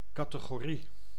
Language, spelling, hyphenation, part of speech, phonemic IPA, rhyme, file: Dutch, categorie, ca‧te‧go‧rie, noun, /ˌkɑ.tə.ɣoːˈri/, -i, Nl-categorie.ogg
- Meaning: category (defined group)